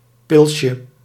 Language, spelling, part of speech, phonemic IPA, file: Dutch, pilsje, noun, /ˈpɪlʃə/, Nl-pilsje.ogg
- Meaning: diminutive of pils